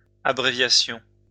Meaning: plural of abréviation
- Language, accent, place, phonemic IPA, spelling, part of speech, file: French, France, Lyon, /a.bʁe.vja.sjɔ̃/, abréviations, noun, LL-Q150 (fra)-abréviations.wav